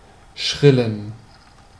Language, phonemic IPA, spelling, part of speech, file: German, /ˈʃʁɪlən/, schrillen, verb / adjective, De-schrillen.ogg
- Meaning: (verb) to shrill, to make a shrill noise; to go off (of an alarm); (adjective) inflection of schrill: 1. strong genitive masculine/neuter singular 2. weak/mixed genitive/dative all-gender singular